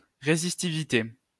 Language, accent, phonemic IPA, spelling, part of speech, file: French, France, /ʁe.zis.ti.vi.te/, résistivité, noun, LL-Q150 (fra)-résistivité.wav
- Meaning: resistivity (capacity of resistance to electricity)